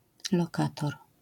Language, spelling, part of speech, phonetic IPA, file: Polish, lokator, noun, [lɔˈkatɔr], LL-Q809 (pol)-lokator.wav